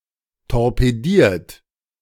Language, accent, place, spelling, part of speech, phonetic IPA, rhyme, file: German, Germany, Berlin, torpediert, verb, [tɔʁpeˈdiːɐ̯t], -iːɐ̯t, De-torpediert.ogg
- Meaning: 1. past participle of torpedieren 2. inflection of torpedieren: third-person singular present 3. inflection of torpedieren: second-person plural present 4. inflection of torpedieren: plural imperative